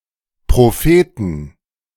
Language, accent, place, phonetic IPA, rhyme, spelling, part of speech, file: German, Germany, Berlin, [ˌpʁoˈfeːtn̩], -eːtn̩, Propheten, noun, De-Propheten.ogg
- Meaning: inflection of Prophet: 1. genitive/dative/accusative singular 2. nominative/genitive/dative/accusative plural